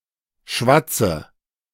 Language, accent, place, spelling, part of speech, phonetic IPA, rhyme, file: German, Germany, Berlin, schwatze, verb, [ˈʃvat͡sə], -at͡sə, De-schwatze.ogg
- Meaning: inflection of schwatzen: 1. first-person singular present 2. first/third-person singular subjunctive I 3. singular imperative